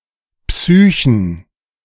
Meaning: plural of Psyche
- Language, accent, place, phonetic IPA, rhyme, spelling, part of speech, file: German, Germany, Berlin, [ˈpsyːçn̩], -yːçn̩, Psychen, noun, De-Psychen.ogg